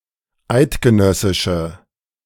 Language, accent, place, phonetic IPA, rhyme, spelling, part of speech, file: German, Germany, Berlin, [ˈaɪ̯tɡəˌnœsɪʃə], -aɪ̯tɡənœsɪʃə, eidgenössische, adjective, De-eidgenössische.ogg
- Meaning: inflection of eidgenössisch: 1. strong/mixed nominative/accusative feminine singular 2. strong nominative/accusative plural 3. weak nominative all-gender singular